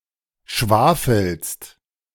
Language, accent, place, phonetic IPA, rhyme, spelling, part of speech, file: German, Germany, Berlin, [ˈʃvaːfl̩st], -aːfl̩st, schwafelst, verb, De-schwafelst.ogg
- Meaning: second-person singular present of schwafeln